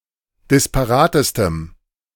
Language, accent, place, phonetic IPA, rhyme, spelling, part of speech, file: German, Germany, Berlin, [dɪspaˈʁaːtəstəm], -aːtəstəm, disparatestem, adjective, De-disparatestem.ogg
- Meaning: strong dative masculine/neuter singular superlative degree of disparat